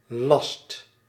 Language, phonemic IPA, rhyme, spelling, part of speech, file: Dutch, /lɑst/, -ɑst, last, noun / verb, Nl-last.ogg
- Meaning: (noun) 1. load, weight 2. burden 3. hindrance, problem 4. expense 5. requirement, duty 6. a measure of volume, 3 cubic meter